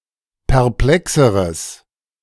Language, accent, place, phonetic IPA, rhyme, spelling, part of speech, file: German, Germany, Berlin, [pɛʁˈplɛksəʁəs], -ɛksəʁəs, perplexeres, adjective, De-perplexeres.ogg
- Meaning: strong/mixed nominative/accusative neuter singular comparative degree of perplex